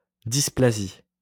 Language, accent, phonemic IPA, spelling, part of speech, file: French, France, /dis.pla.zi/, dysplasie, noun, LL-Q150 (fra)-dysplasie.wav
- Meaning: dysplasia